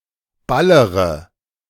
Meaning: inflection of ballern: 1. first-person singular present 2. first-person plural subjunctive I 3. third-person singular subjunctive I 4. singular imperative
- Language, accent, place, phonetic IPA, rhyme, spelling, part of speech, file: German, Germany, Berlin, [ˈbaləʁə], -aləʁə, ballere, verb, De-ballere.ogg